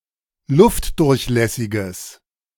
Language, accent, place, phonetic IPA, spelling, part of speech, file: German, Germany, Berlin, [ˈlʊftdʊʁçˌlɛsɪɡəs], luftdurchlässiges, adjective, De-luftdurchlässiges.ogg
- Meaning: strong/mixed nominative/accusative neuter singular of luftdurchlässig